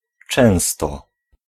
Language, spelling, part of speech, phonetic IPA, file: Polish, często, adverb, [ˈt͡ʃɛ̃w̃stɔ], Pl-często.ogg